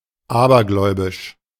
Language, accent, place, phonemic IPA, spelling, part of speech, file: German, Germany, Berlin, /ˈʔaːbɐɡlɔɪ̯bɪʃ/, abergläubisch, adjective, De-abergläubisch.ogg
- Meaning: superstitious